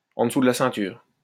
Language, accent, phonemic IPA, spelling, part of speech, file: French, France, /ɑ̃ də.su d(ə) la sɛ̃.tyʁ/, en dessous de la ceinture, phrase, LL-Q150 (fra)-en dessous de la ceinture.wav
- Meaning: 1. salacious, dirty 2. below the belt, unfair, dirty